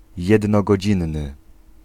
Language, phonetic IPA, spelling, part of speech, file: Polish, [ˌjɛdnɔɡɔˈd͡ʑĩnːɨ], jednogodzinny, adjective, Pl-jednogodzinny.ogg